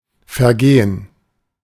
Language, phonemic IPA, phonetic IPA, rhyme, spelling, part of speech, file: German, /fɛʁˈɡeːən/, [fɛɐ̯ˈɡeːən], -eːən, vergehen, verb, De-vergehen.oga
- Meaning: 1. to pass, to elapse 2. to die off, wither, etc 3. to commit a (sex) crime